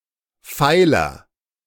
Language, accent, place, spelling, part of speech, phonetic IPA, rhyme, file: German, Germany, Berlin, feiler, adjective, [ˈfaɪ̯lɐ], -aɪ̯lɐ, De-feiler.ogg
- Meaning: inflection of feil: 1. strong/mixed nominative masculine singular 2. strong genitive/dative feminine singular 3. strong genitive plural